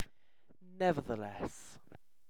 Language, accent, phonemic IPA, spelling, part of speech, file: English, UK, /ˌnɛvəðəˈlɛs/, nevertheless, adverb, En-uk-nevertheless.ogg
- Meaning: In spite of what preceded; yet